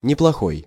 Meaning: good, not bad (useful for a particular purpose)
- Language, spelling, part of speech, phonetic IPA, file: Russian, неплохой, adjective, [nʲɪpɫɐˈxoj], Ru-неплохой.ogg